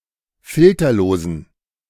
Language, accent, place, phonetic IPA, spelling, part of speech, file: German, Germany, Berlin, [ˈfɪltɐloːzn̩], filterlosen, adjective, De-filterlosen.ogg
- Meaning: inflection of filterlos: 1. strong genitive masculine/neuter singular 2. weak/mixed genitive/dative all-gender singular 3. strong/weak/mixed accusative masculine singular 4. strong dative plural